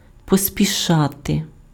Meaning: to hurry, to be in a hurry, to hasten, to make haste
- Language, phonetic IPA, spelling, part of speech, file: Ukrainian, [pɔsʲpʲiˈʃate], поспішати, verb, Uk-поспішати.ogg